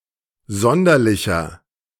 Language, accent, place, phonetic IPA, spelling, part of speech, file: German, Germany, Berlin, [ˈzɔndɐlɪçɐ], sonderlicher, adjective, De-sonderlicher.ogg
- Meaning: 1. comparative degree of sonderlich 2. inflection of sonderlich: strong/mixed nominative masculine singular 3. inflection of sonderlich: strong genitive/dative feminine singular